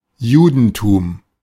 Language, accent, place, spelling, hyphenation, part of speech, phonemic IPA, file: German, Germany, Berlin, Judentum, Ju‧den‧tum, proper noun, /ˈjuːdn̩ˌtuːm/, De-Judentum.ogg
- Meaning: 1. Judaism (religion) 2. Jewry (Jews collectively) 3. Jewishness, Jewdom (cf. Christendom)